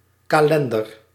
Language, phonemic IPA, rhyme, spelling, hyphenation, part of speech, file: Dutch, /ˌkaːˈlɛn.dər/, -ɛndər, kalender, ka‧len‧der, noun, Nl-kalender.ogg
- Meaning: calendar